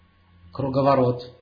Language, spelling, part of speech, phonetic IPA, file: Russian, круговорот, noun, [krʊɡəvɐˈrot], Ru-круговорот.ogg
- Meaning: 1. circulation, rotation, cycle 2. whirl